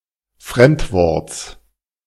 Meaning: genitive singular of Fremdwort
- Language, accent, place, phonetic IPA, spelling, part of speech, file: German, Germany, Berlin, [ˈfʁɛmtˌvɔʁt͡s], Fremdworts, noun, De-Fremdworts.ogg